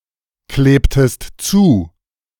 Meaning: inflection of zukleben: 1. second-person singular preterite 2. second-person singular subjunctive II
- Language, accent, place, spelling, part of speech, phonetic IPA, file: German, Germany, Berlin, klebtest zu, verb, [ˌkleːptəst ˈt͡suː], De-klebtest zu.ogg